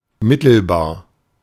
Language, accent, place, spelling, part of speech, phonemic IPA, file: German, Germany, Berlin, mittelbar, adjective, /ˈmɪtəlˌbaː(ɐ̯)/, De-mittelbar.ogg
- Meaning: indirect, mediate